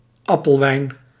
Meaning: cider, apple wine
- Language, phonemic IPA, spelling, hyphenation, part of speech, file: Dutch, /ˈɑpəlˌʋɛi̯n/, appelwijn, ap‧pel‧wijn, noun, Nl-appelwijn.ogg